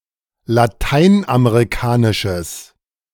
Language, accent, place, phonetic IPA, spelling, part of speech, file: German, Germany, Berlin, [laˈtaɪ̯nʔameʁiˌkaːnɪʃəs], lateinamerikanisches, adjective, De-lateinamerikanisches.ogg
- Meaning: strong/mixed nominative/accusative neuter singular of lateinamerikanisch